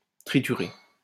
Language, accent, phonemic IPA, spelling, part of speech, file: French, France, /tʁi.ty.ʁe/, triturer, verb, LL-Q150 (fra)-triturer.wav
- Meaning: to triturate